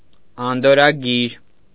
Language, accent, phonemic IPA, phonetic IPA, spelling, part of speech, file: Armenian, Eastern Armenian, /ɑndoɾɾɑˈɡiɾ/, [ɑndoɹːɑɡíɾ], անդորրագիր, noun, Hy-անդորրագիր.ogg
- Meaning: receipt, written acknowledgement, quittance